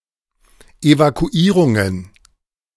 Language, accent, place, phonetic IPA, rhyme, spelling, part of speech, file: German, Germany, Berlin, [evakuˈiːʁʊŋən], -iːʁʊŋən, Evakuierungen, noun, De-Evakuierungen.ogg
- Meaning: plural of Evakuierung